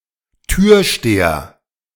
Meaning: doorman, bouncer (male or of unspecified gender)
- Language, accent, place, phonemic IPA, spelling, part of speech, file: German, Germany, Berlin, /ˈtyːɐ̯ˌʃteːɐ/, Türsteher, noun, De-Türsteher.ogg